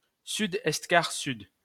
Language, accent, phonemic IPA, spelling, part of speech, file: French, France, /sy.dɛst.kaʁ.syd/, sud-est-quart-sud, noun, LL-Q150 (fra)-sud-est-quart-sud.wav
- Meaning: southeast by south (compass point)